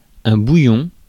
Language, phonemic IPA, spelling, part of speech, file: French, /bu.jɔ̃/, bouillon, noun, Fr-bouillon.ogg
- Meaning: 1. broth (water in which food (meat or vegetable etc) has been boiled) 2. bubble rising from a boiling liquid 3. gulp of liquid which escapes forcefully 4. flesh rising on a fold